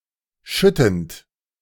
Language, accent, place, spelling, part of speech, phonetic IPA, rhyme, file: German, Germany, Berlin, schüttend, verb, [ˈʃʏtn̩t], -ʏtn̩t, De-schüttend.ogg
- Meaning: present participle of schütten